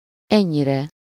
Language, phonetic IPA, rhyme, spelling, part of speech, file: Hungarian, [ˈɛɲːirɛ], -rɛ, ennyire, adverb / pronoun, Hu-ennyire.ogg
- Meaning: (adverb) so, this much, to such extent; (pronoun) sublative singular of ennyi